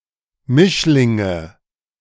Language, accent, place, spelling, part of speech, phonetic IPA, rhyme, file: German, Germany, Berlin, Mischlinge, noun, [ˈmɪʃlɪŋə], -ɪʃlɪŋə, De-Mischlinge.ogg
- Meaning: nominative/accusative/genitive plural of Mischling